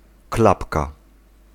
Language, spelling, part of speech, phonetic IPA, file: Polish, klapka, noun, [ˈklapka], Pl-klapka.ogg